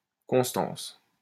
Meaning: 1. constancy 2. resilience; perseverance
- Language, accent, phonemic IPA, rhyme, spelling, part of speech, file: French, France, /kɔ̃s.tɑ̃s/, -ɑ̃s, constance, noun, LL-Q150 (fra)-constance.wav